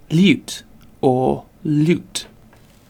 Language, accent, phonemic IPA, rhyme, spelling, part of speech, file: English, UK, /l(j)uːt/, -uːt, lute, noun / verb, En-uk-lute.ogg